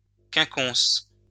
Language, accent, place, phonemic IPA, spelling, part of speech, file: French, France, Lyon, /kɛ̃.kɔ̃s/, quinconce, noun, LL-Q150 (fra)-quinconce.wav
- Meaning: 1. a quincunx, a group of five items arranged in a square with one in the middle 2. a plantation made at equal distances in a straight row, giving multiple alleys of trees in different directions